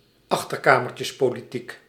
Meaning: backroom politics
- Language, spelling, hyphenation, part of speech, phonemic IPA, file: Dutch, achterkamertjespolitiek, ach‧ter‧ka‧mer‧tjes‧po‧li‧tiek, noun, /ˈɑx.tər.kaː.mər.tjəs.poː.liˌtik/, Nl-achterkamertjespolitiek.ogg